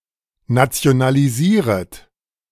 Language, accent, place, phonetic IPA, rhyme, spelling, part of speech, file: German, Germany, Berlin, [nat͡si̯onaliˈziːʁət], -iːʁət, nationalisieret, verb, De-nationalisieret.ogg
- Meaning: second-person plural subjunctive I of nationalisieren